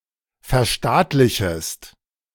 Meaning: second-person singular subjunctive I of verstaatlichen
- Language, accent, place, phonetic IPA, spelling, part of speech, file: German, Germany, Berlin, [fɛɐ̯ˈʃtaːtlɪçəst], verstaatlichest, verb, De-verstaatlichest.ogg